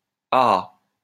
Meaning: the surface of an aa lava flow
- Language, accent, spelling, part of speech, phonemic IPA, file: French, France, aa, noun, /a.a/, LL-Q150 (fra)-aa.wav